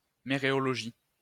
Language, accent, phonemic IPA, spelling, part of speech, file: French, France, /me.ʁe.ɔ.lɔ.ʒi/, méréologie, noun, LL-Q150 (fra)-méréologie.wav
- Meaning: mereology